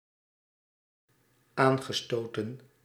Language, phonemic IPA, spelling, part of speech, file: Dutch, /ˈaŋɣəˌstotə(n)/, aangestoten, verb, Nl-aangestoten.ogg
- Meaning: past participle of aanstoten